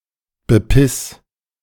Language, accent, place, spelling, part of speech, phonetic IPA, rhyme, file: German, Germany, Berlin, bepiss, verb, [bəˈpɪs], -ɪs, De-bepiss.ogg
- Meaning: 1. singular imperative of bepissen 2. first-person singular present of bepissen